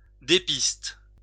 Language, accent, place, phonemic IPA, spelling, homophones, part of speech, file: French, France, Lyon, /de.pist/, dépiste, dépistent / dépistes, verb, LL-Q150 (fra)-dépiste.wav
- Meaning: inflection of dépister: 1. first/third-person singular present indicative/subjunctive 2. second-person singular imperative